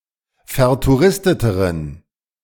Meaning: inflection of vertouristet: 1. strong genitive masculine/neuter singular comparative degree 2. weak/mixed genitive/dative all-gender singular comparative degree
- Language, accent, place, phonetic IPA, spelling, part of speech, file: German, Germany, Berlin, [fɛɐ̯tuˈʁɪstətəʁən], vertouristeteren, adjective, De-vertouristeteren.ogg